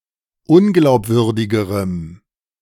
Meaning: strong dative masculine/neuter singular comparative degree of unglaubwürdig
- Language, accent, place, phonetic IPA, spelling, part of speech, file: German, Germany, Berlin, [ˈʊnɡlaʊ̯pˌvʏʁdɪɡəʁəm], unglaubwürdigerem, adjective, De-unglaubwürdigerem.ogg